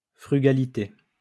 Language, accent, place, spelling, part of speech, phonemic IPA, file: French, France, Lyon, frugalité, noun, /fʁy.ɡa.li.te/, LL-Q150 (fra)-frugalité.wav
- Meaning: frugality